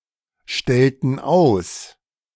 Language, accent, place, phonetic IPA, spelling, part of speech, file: German, Germany, Berlin, [ˌʃtɛltn̩ ˈaʊ̯s], stellten aus, verb, De-stellten aus.ogg
- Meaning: inflection of ausstellen: 1. first/third-person plural preterite 2. first/third-person plural subjunctive II